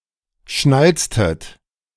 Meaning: inflection of schnalzen: 1. second-person plural preterite 2. second-person plural subjunctive II
- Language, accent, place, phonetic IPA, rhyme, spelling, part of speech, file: German, Germany, Berlin, [ˈʃnalt͡stət], -alt͡stət, schnalztet, verb, De-schnalztet.ogg